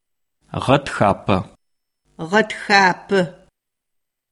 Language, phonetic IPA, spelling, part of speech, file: Adyghe, [ʁatxaːpamaːz], гъэтхапэмаз, noun, CircassianMonth3.ogg
- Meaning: March